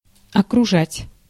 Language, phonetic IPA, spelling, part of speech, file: Russian, [ɐkrʊˈʐatʲ], окружать, verb, Ru-окружать.ogg
- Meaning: 1. to gather round 2. to encircle, to ring in 3. to surround, to lavish 4. to encircle, to round up